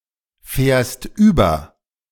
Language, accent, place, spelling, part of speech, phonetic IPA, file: German, Germany, Berlin, fährst über, verb, [ˌfɛːɐ̯st ˈyːbɐ], De-fährst über.ogg
- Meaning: second-person singular present of überfahren